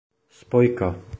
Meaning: 1. connector 2. conjunction 3. connective 4. clutch (device to interrupt power transmission or the pedal controlling it) 5. point of contact, messenger (an intermediary responsible for communication)
- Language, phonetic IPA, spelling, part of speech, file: Czech, [ˈspojka], spojka, noun, Cs-spojka.oga